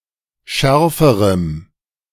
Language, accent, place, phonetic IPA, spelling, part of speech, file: German, Germany, Berlin, [ˈʃɛʁfəʁəm], schärferem, adjective, De-schärferem.ogg
- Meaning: strong dative masculine/neuter singular comparative degree of scharf